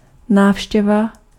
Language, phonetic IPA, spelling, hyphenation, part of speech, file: Czech, [ˈnaːfʃcɛva], návštěva, náv‧ště‧va, noun, Cs-návštěva.ogg
- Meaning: visit